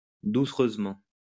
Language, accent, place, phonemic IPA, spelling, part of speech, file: French, France, Lyon, /du.sʁøz.mɑ̃/, doucereusement, adverb, LL-Q150 (fra)-doucereusement.wav
- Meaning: 1. sweetly 2. softly